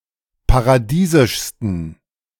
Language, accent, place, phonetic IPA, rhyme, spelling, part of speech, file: German, Germany, Berlin, [paʁaˈdiːzɪʃstn̩], -iːzɪʃstn̩, paradiesischsten, adjective, De-paradiesischsten.ogg
- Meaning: 1. superlative degree of paradiesisch 2. inflection of paradiesisch: strong genitive masculine/neuter singular superlative degree